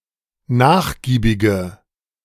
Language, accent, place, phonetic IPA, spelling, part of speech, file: German, Germany, Berlin, [ˈnaːxˌɡiːbɪɡə], nachgiebige, adjective, De-nachgiebige.ogg
- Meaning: inflection of nachgiebig: 1. strong/mixed nominative/accusative feminine singular 2. strong nominative/accusative plural 3. weak nominative all-gender singular